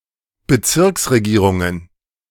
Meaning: plural of Bezirksregierung
- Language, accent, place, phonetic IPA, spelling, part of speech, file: German, Germany, Berlin, [bəˈt͡sɪʁksʁeˌɡiːʁʊŋən], Bezirksregierungen, noun, De-Bezirksregierungen.ogg